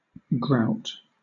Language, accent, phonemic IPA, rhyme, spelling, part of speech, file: English, Southern England, /ɡɹaʊt/, -aʊt, grout, noun / verb, LL-Q1860 (eng)-grout.wav
- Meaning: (noun) 1. A thin mortar used to fill the gaps between tiles and cavities in masonry 2. Coarse meal; groats 3. Dregs, sediment 4. A kind of beer or ale; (verb) To insert mortar between tiles